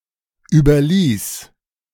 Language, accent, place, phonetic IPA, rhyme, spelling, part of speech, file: German, Germany, Berlin, [ˌyːbɐˈliːs], -iːs, überließ, verb, De-überließ.ogg
- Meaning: first/third-person singular preterite of überlassen